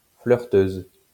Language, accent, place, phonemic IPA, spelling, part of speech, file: French, France, Lyon, /flœʁ.tøz/, flirteuse, adjective / noun, LL-Q150 (fra)-flirteuse.wav
- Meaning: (adjective) feminine singular of flirteur; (noun) female equivalent of flirteur